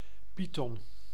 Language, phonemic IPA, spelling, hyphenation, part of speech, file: Dutch, /ˈpi.tɔn/, python, py‧thon, noun, Nl-python.ogg
- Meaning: python, constrictor of the family Pythonidae